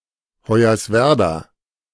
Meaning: Hoyerswerda (an independent city in Saxony, Germany)
- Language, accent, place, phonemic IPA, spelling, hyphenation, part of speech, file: German, Germany, Berlin, /hɔɪ̯ɐsˈvɛʁda/, Hoyerswerda, Hoy‧ers‧wer‧da, proper noun, De-Hoyerswerda.ogg